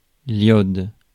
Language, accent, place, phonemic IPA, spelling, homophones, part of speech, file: French, France, Paris, /jɔd/, iode, yod, noun, Fr-iode.ogg
- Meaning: iodine (chemical element)